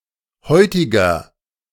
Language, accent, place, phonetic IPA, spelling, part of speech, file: German, Germany, Berlin, [ˈhɔɪ̯tɪɡɐ], heutiger, adjective, De-heutiger.ogg
- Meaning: inflection of heutig: 1. strong/mixed nominative masculine singular 2. strong genitive/dative feminine singular 3. strong genitive plural